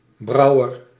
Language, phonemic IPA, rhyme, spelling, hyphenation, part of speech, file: Dutch, /ˈbrɑu̯ər/, -ɑu̯ər, brouwer, brou‧wer, noun, Nl-brouwer.ogg
- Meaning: brewer